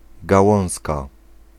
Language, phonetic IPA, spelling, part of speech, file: Polish, [ɡaˈwɔ̃w̃ska], gałązka, noun, Pl-gałązka.ogg